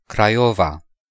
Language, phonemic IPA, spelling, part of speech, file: Romanian, /kraˈjova/, Craiova, proper noun, Ro-Craiova.ogg
- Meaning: Craiova (the capital and largest city of Dolj County, Romania)